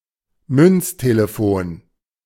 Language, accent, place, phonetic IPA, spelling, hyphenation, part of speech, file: German, Germany, Berlin, [ˈmʏnt͡steleˌfoːn], Münztelefon, Münz‧te‧le‧fon, noun, De-Münztelefon.ogg
- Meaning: payphone